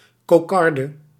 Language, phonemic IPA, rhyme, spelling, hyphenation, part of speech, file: Dutch, /koːˈkɑr.də/, -ɑrdə, kokarde, ko‧kar‧de, noun, Nl-kokarde.ogg
- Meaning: cockade (mark worn on a hat or other piece of clothing)